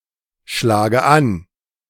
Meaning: inflection of anschlagen: 1. first-person singular present 2. first/third-person singular subjunctive I 3. singular imperative
- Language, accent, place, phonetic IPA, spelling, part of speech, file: German, Germany, Berlin, [ˌʃlaːɡə ˈan], schlage an, verb, De-schlage an.ogg